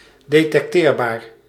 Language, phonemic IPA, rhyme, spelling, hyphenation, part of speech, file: Dutch, /ˌdeː.tɛkˈteːr.baːr/, -eːrbaːr, detecteerbaar, de‧tec‧teer‧baar, adjective, Nl-detecteerbaar.ogg
- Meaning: detectable